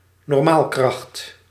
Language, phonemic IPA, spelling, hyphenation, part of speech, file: Dutch, /nɔrˈmaːlˌkrɑxt/, normaalkracht, nor‧maal‧kracht, noun, Nl-normaalkracht.ogg
- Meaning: normal force